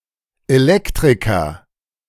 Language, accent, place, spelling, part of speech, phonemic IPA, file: German, Germany, Berlin, Elektriker, noun, /eˈlɛktʁɪkɐ/, De-Elektriker.ogg
- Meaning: electrician (male or of unspecified gender) (a person who installs, repairs and maintains electrical wiring and equipment)